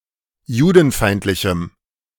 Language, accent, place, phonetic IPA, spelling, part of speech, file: German, Germany, Berlin, [ˈjuːdn̩ˌfaɪ̯ntlɪçm̩], judenfeindlichem, adjective, De-judenfeindlichem.ogg
- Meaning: strong dative masculine/neuter singular of judenfeindlich